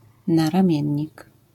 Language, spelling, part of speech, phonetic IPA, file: Polish, naramiennik, noun, [ˌnarãˈmʲjɛ̇̃ɲːik], LL-Q809 (pol)-naramiennik.wav